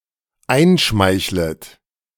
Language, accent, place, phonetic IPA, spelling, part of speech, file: German, Germany, Berlin, [ˈaɪ̯nˌʃmaɪ̯çlət], einschmeichlet, verb, De-einschmeichlet.ogg
- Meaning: second-person plural dependent subjunctive I of einschmeicheln